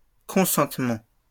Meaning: plural of consentement
- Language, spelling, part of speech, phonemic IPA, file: French, consentements, noun, /kɔ̃.sɑ̃t.mɑ̃/, LL-Q150 (fra)-consentements.wav